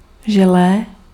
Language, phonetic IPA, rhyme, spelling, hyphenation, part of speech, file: Czech, [ˈʒɛlɛː], -ɛlɛː, želé, že‧lé, noun, Cs-želé.ogg
- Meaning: jelly (sweet gelatinous substance)